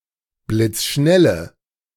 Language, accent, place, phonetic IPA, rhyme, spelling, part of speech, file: German, Germany, Berlin, [blɪt͡sˈʃnɛlə], -ɛlə, blitzschnelle, adjective, De-blitzschnelle.ogg
- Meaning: inflection of blitzschnell: 1. strong/mixed nominative/accusative feminine singular 2. strong nominative/accusative plural 3. weak nominative all-gender singular